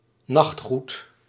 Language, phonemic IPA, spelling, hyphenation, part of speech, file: Dutch, /ˈnɑxt.xut/, nachtgoed, nacht‧goed, noun, Nl-nachtgoed.ogg
- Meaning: nightwear, nightclothes